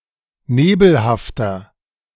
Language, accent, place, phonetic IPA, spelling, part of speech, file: German, Germany, Berlin, [ˈneːbl̩haftɐ], nebelhafter, adjective, De-nebelhafter.ogg
- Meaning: 1. comparative degree of nebelhaft 2. inflection of nebelhaft: strong/mixed nominative masculine singular 3. inflection of nebelhaft: strong genitive/dative feminine singular